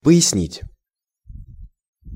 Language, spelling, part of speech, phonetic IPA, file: Russian, пояснить, verb, [pə(j)ɪsˈnʲitʲ], Ru-пояснить.ogg
- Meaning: to clarify, to explain, to illustrate